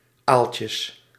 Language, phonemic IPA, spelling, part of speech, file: Dutch, /ˈalcəs/, aaltjes, noun, Nl-aaltjes.ogg
- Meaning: plural of aaltje